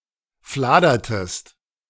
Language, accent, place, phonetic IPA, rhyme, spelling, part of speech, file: German, Germany, Berlin, [ˈflaːdɐtəst], -aːdɐtəst, fladertest, verb, De-fladertest.ogg
- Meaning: inflection of fladern: 1. second-person singular preterite 2. second-person singular subjunctive II